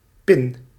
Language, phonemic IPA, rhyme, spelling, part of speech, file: Dutch, /pɪn/, -ɪn, pin, noun, Nl-pin.ogg
- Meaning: peg, pin